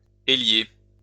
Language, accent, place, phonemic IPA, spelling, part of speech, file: French, France, Lyon, /e.lje/, élier, verb, LL-Q150 (fra)-élier.wav
- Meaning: to rack (wine)